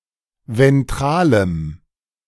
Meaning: strong dative masculine/neuter singular of ventral
- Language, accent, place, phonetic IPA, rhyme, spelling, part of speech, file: German, Germany, Berlin, [vɛnˈtʁaːləm], -aːləm, ventralem, adjective, De-ventralem.ogg